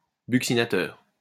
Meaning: buccinator
- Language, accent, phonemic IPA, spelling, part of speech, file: French, France, /byk.si.na.tœʁ/, buccinateur, noun, LL-Q150 (fra)-buccinateur.wav